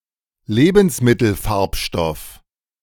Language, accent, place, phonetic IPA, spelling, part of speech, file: German, Germany, Berlin, [ˈleːbn̩sˌmɪtl̩ˌfaʁpʃtɔf], Lebensmittelfarbstoff, noun, De-Lebensmittelfarbstoff.ogg
- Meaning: food colouring